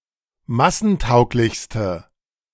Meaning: inflection of massentauglich: 1. strong/mixed nominative/accusative feminine singular superlative degree 2. strong nominative/accusative plural superlative degree
- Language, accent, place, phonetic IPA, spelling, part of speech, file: German, Germany, Berlin, [ˈmasn̩ˌtaʊ̯klɪçstə], massentauglichste, adjective, De-massentauglichste.ogg